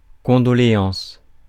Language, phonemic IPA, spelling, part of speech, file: French, /kɔ̃.dɔ.le.ɑ̃s/, condoléances, noun, Fr-condoléances.ogg
- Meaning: plural of condoléance